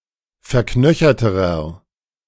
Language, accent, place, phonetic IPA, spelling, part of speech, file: German, Germany, Berlin, [fɛɐ̯ˈknœçɐtəʁɐ], verknöcherterer, adjective, De-verknöcherterer.ogg
- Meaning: inflection of verknöchert: 1. strong/mixed nominative masculine singular comparative degree 2. strong genitive/dative feminine singular comparative degree 3. strong genitive plural comparative degree